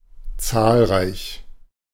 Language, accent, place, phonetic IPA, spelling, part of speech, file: German, Germany, Berlin, [ˈtsaːlʁaɪ̯ç], zahlreich, adjective, De-zahlreich.ogg
- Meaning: numerous